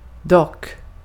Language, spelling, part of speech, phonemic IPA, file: Swedish, dock, adverb, /dɔkː/, Sv-dock.ogg
- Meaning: though, however, still, nevertheless